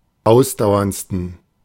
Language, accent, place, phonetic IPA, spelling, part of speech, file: German, Germany, Berlin, [ˈaʊ̯sdaʊ̯ɐnt͡stn̩], ausdauerndsten, adjective, De-ausdauerndsten.ogg
- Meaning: 1. superlative degree of ausdauernd 2. inflection of ausdauernd: strong genitive masculine/neuter singular superlative degree